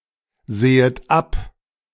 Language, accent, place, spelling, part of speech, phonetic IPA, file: German, Germany, Berlin, sehet ab, verb, [ˌzeːət ˈap], De-sehet ab.ogg
- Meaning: second-person plural subjunctive I of absehen